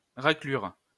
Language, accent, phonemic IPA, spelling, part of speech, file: French, France, /ʁa.klyʁ/, raclure, noun, LL-Q150 (fra)-raclure.wav
- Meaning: 1. scraping 2. piece of shit, scum; filth, crud; louse